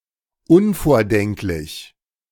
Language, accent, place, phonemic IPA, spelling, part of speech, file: German, Germany, Berlin, /ˈʊnfoːɐ̯ˌdɛŋklɪç/, unvordenklich, adjective, De-unvordenklich.ogg
- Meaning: immemorial, ancient